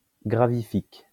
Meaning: gravitic, gravitational
- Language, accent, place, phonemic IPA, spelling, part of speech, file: French, France, Lyon, /ɡʁa.vi.fik/, gravifique, adjective, LL-Q150 (fra)-gravifique.wav